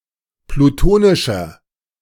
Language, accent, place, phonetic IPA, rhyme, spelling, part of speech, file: German, Germany, Berlin, [pluˈtoːnɪʃɐ], -oːnɪʃɐ, plutonischer, adjective, De-plutonischer.ogg
- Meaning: inflection of plutonisch: 1. strong/mixed nominative masculine singular 2. strong genitive/dative feminine singular 3. strong genitive plural